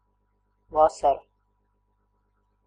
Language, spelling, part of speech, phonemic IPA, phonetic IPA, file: Latvian, vasara, noun, /ˈvasːaɾa/, [ˈvɑsːɑɾɑ], Lv-vasara.ogg
- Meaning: summer (season of the year, from June 21-22 to September 22-23 in the Northern Hemisphere, characterized by the highest temperatures of the year)